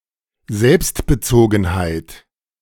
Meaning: egocentricity
- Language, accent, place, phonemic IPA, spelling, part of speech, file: German, Germany, Berlin, /ˈzɛlpst.bəˌt͡soː.ɡŋ̩.haɪ̯t/, Selbstbezogenheit, noun, De-Selbstbezogenheit.ogg